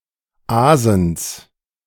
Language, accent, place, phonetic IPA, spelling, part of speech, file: German, Germany, Berlin, [ˈaːzəns], Aasens, noun, De-Aasens.ogg
- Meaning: genitive of Aasen